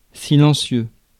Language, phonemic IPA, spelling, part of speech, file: French, /si.lɑ̃.sjø/, silencieux, adjective / noun, Fr-silencieux.ogg
- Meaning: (adjective) 1. silent (without sound) 2. quiet (not speaking) 3. quiet (with little sound); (noun) 1. silencer, suppressor (for a gun) 2. muffler 3. synonym of pot d'échappement (“exhaust pipe”)